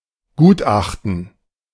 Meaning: opinion (report) of an expert with regard to a specific matter
- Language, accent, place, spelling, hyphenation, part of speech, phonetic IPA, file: German, Germany, Berlin, Gutachten, Gut‧ach‧ten, noun, [ˈɡuːtˌʔaχtn̩], De-Gutachten.ogg